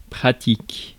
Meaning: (adjective) 1. practical, applied (concerning action or intervention of human will on the real to change it) 2. concrete, practical 3. belonging to the everyday or mundane 4. experienced
- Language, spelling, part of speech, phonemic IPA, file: French, pratique, adjective / noun / verb, /pʁa.tik/, Fr-pratique.ogg